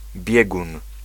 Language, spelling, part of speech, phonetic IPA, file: Polish, biegun, noun, [ˈbʲjɛɡũn], Pl-biegun.ogg